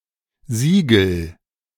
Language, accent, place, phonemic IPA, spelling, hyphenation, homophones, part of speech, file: German, Germany, Berlin, /ˈziːɡəl/, Sigel, Si‧gel, Siegel, noun, De-Sigel.ogg
- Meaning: siglum, a conventional abbreviation for a word or words